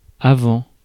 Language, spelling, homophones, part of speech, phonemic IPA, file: French, avant, avants / avent / Avent, adverb / preposition / noun, /a.vɑ̃/, Fr-avant.ogg
- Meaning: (adverb) beforehand; earlier; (preposition) 1. before (in time) 2. before (in space), in front of, ahead of; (noun) 1. front 2. forward